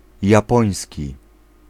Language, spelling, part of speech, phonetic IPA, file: Polish, japoński, adjective / noun, [jaˈpɔ̃j̃sʲci], Pl-japoński.ogg